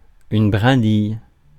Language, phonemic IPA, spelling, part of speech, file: French, /bʁɛ̃.dij/, brindille, noun, Fr-brindille.ogg
- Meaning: twig, sprig